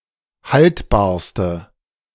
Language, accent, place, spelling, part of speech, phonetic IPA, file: German, Germany, Berlin, haltbarste, adjective, [ˈhaltbaːɐ̯stə], De-haltbarste.ogg
- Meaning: inflection of haltbar: 1. strong/mixed nominative/accusative feminine singular superlative degree 2. strong nominative/accusative plural superlative degree